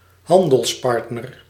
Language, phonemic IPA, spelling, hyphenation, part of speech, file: Dutch, /ˈɦɑn.dəlsˌpɑrt.nər/, handelspartner, han‧dels‧part‧ner, noun, Nl-handelspartner.ogg
- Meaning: 1. trading partner (someone with whom one trades) 2. companion, business partner